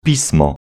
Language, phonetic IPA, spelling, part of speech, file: Polish, [ˈpʲismɔ], pismo, noun, Pl-pismo.ogg